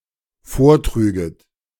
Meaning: second-person plural dependent subjunctive II of vortragen
- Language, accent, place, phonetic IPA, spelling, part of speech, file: German, Germany, Berlin, [ˈfoːɐ̯ˌtʁyːɡət], vortrüget, verb, De-vortrüget.ogg